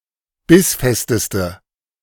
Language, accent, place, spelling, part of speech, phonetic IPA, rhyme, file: German, Germany, Berlin, bissfesteste, adjective, [ˈbɪsˌfɛstəstə], -ɪsfɛstəstə, De-bissfesteste.ogg
- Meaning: inflection of bissfest: 1. strong/mixed nominative/accusative feminine singular superlative degree 2. strong nominative/accusative plural superlative degree